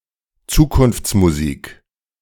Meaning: pipe dream, pie in the sky (unrealistic aspiration or vision of the future, unlikely to come about in the foreseeable future)
- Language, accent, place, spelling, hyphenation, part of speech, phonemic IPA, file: German, Germany, Berlin, Zukunftsmusik, Zu‧kunfts‧mu‧sik, noun, /ˈt͡suːkʊnft͡smuˌziːk/, De-Zukunftsmusik.ogg